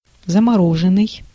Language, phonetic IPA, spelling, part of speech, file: Russian, [zəmɐˈroʐɨn(ː)ɨj], замороженный, verb, Ru-замороженный.ogg
- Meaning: past passive perfective participle of заморо́зить (zamorózitʹ)